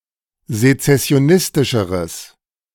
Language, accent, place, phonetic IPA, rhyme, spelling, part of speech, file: German, Germany, Berlin, [zet͡sɛsi̯oˈnɪstɪʃəʁəs], -ɪstɪʃəʁəs, sezessionistischeres, adjective, De-sezessionistischeres.ogg
- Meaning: strong/mixed nominative/accusative neuter singular comparative degree of sezessionistisch